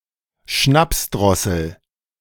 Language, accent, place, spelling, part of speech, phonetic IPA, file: German, Germany, Berlin, Schnapsdrossel, noun, [ˈʃnapsˌdʁɔsl̩], De-Schnapsdrossel.ogg
- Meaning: boozehound